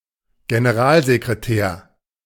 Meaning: general secretary, secretary general, first secretary
- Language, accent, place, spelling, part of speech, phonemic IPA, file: German, Germany, Berlin, Generalsekretär, noun, /ɡenəˈʁaːlzekʁeˌtɛːɐ̯/, De-Generalsekretär.ogg